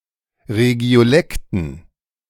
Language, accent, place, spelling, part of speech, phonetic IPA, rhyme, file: German, Germany, Berlin, Regiolekten, noun, [ʁeɡi̯oˈlɛktn̩], -ɛktn̩, De-Regiolekten.ogg
- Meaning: dative plural of Regiolekt